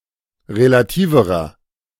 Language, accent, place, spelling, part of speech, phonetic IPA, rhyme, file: German, Germany, Berlin, relativerer, adjective, [ʁelaˈtiːvəʁɐ], -iːvəʁɐ, De-relativerer.ogg
- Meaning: inflection of relativ: 1. strong/mixed nominative masculine singular comparative degree 2. strong genitive/dative feminine singular comparative degree 3. strong genitive plural comparative degree